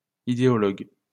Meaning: ideologue, ideologist
- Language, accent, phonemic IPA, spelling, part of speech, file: French, France, /i.de.ɔ.lɔɡ/, idéologue, noun, LL-Q150 (fra)-idéologue.wav